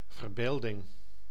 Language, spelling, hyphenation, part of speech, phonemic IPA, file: Dutch, verbeelding, ver‧beel‧ding, noun, /vərˈbeːl.dɪŋ/, Nl-verbeelding.ogg
- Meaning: 1. imagination (image-making faculty of the mind) 2. imagination (act of imagining)